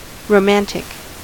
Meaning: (adjective) 1. Of a work of literature, a writer etc.: being like or having the characteristics of a romance, or poetic tale of a mythic or quasi-historical time; fantastic 2. Fictitious, imaginary
- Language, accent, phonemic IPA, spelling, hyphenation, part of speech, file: English, General American, /ɹoʊˈmæn(t)ɪk/, romantic, ro‧mant‧ic, adjective / noun, En-us-romantic.ogg